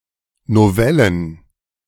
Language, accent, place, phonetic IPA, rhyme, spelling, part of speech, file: German, Germany, Berlin, [noˈvɛlən], -ɛlən, Novellen, noun, De-Novellen.ogg
- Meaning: plural of Novelle